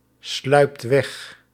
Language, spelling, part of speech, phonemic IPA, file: Dutch, sluipt weg, verb, /ˈslœypt ˈwɛx/, Nl-sluipt weg.ogg
- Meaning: inflection of wegsluipen: 1. second/third-person singular present indicative 2. plural imperative